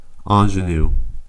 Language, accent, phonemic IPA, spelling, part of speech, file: English, US, /ˈɑnʒənu/, ingenue, noun, En-us-ingenue.ogg
- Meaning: 1. An innocent, unsophisticated, naïve, wholesome girl or young woman 2. A dramatic role of such a woman; an actress playing such a role 3. Misspelling of ingenu